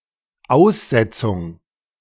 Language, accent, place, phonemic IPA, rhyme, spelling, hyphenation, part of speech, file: German, Germany, Berlin, /ˈaʊ̯sˌzɛt͡sʊŋ/, -ɛt͡sʊŋ, Aussetzung, Aus‧set‧zung, noun, De-Aussetzung.ogg
- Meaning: 1. suspension 2. abandonment 3. release 4. exposure